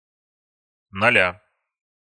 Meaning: genitive singular of ноль (nolʹ)
- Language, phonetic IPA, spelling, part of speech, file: Russian, [nɐˈlʲa], ноля, noun, Ru-ноля.ogg